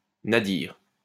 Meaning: nadir
- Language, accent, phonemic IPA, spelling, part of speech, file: French, France, /na.diʁ/, nadir, noun, LL-Q150 (fra)-nadir.wav